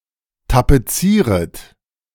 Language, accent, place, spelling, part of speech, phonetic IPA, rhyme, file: German, Germany, Berlin, tapezieret, verb, [tapeˈt͡siːʁət], -iːʁət, De-tapezieret.ogg
- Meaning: second-person plural subjunctive I of tapezieren